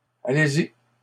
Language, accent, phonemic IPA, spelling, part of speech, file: French, Canada, /a.le.z‿i/, allez-y, phrase, LL-Q150 (fra)-allez-y.wav
- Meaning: go ahead; go on